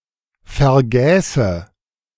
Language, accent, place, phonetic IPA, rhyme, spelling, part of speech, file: German, Germany, Berlin, [fɛɐ̯ˈɡɛːsə], -ɛːsə, vergäße, verb, De-vergäße.ogg
- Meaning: first/third-person singular subjunctive II of vergessen